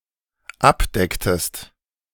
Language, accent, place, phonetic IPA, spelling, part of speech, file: German, Germany, Berlin, [ˈapˌdɛktəst], abdecktest, verb, De-abdecktest.ogg
- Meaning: inflection of abdecken: 1. second-person singular dependent preterite 2. second-person singular dependent subjunctive II